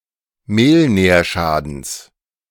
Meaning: genitive singular of Mehlnährschaden
- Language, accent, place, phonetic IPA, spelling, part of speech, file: German, Germany, Berlin, [ˈmeːlˌnɛːɐ̯ʃaːdn̩s], Mehlnährschadens, noun, De-Mehlnährschadens.ogg